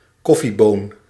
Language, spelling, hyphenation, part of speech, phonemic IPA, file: Dutch, koffieboon, kof‧fie‧boon, noun, /ˈkɔ.fiˌboːn/, Nl-koffieboon.ogg
- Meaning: a coffee bean, a seed of a plant of the genus Coffea